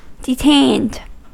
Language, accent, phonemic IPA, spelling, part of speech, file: English, US, /dɪˈteɪnd/, detained, adjective / verb, En-us-detained.ogg
- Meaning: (adjective) 1. Delayed or held back; kept from proceeding 2. Held in custody or confinement; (verb) simple past and past participle of detain